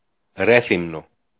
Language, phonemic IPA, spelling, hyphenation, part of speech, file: Greek, /ˈɾeθimno/, Ρέθυμνο, Ρέ‧θυ‧μνο, proper noun, El-Ρέθυμνο.ogg
- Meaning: Rethymno (a city in Crete, Greece)